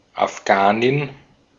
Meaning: female Afghan
- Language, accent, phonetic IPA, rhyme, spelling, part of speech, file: German, Austria, [afˈɡaːnɪn], -aːnɪn, Afghanin, noun, De-at-Afghanin.ogg